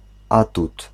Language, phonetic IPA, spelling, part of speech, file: Polish, [ˈatut], atut, noun, Pl-atut.ogg